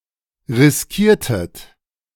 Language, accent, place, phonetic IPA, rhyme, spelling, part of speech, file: German, Germany, Berlin, [ʁɪsˈkiːɐ̯tət], -iːɐ̯tət, riskiertet, verb, De-riskiertet.ogg
- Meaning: inflection of riskieren: 1. second-person plural preterite 2. second-person plural subjunctive II